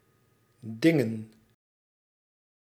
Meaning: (verb) to solicit; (noun) plural of ding
- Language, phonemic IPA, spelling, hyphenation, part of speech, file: Dutch, /ˈdɪŋə(n)/, dingen, din‧gen, verb / noun, Nl-dingen.ogg